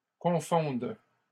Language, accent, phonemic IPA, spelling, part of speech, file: French, Canada, /kɔ̃.fɔ̃d/, confonde, verb, LL-Q150 (fra)-confonde.wav
- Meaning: first/third-person singular present subjunctive of confondre